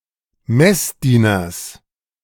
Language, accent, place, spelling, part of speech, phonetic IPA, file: German, Germany, Berlin, Messdieners, noun, [ˈmɛsˌdiːnɐs], De-Messdieners.ogg
- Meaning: genitive singular of Messdiener